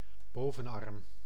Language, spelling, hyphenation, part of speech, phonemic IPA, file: Dutch, bovenarm, bo‧ven‧arm, noun, /ˈboː.və(n)ˌɑrm/, Nl-bovenarm.ogg
- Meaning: upper arm